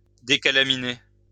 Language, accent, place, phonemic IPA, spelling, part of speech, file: French, France, Lyon, /de.ka.la.mi.ne/, décalaminer, verb, LL-Q150 (fra)-décalaminer.wav
- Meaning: to decoke; to decarbonize